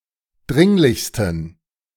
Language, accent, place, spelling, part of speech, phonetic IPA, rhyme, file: German, Germany, Berlin, dringlichsten, adjective, [ˈdʁɪŋlɪçstn̩], -ɪŋlɪçstn̩, De-dringlichsten.ogg
- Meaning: 1. superlative degree of dringlich 2. inflection of dringlich: strong genitive masculine/neuter singular superlative degree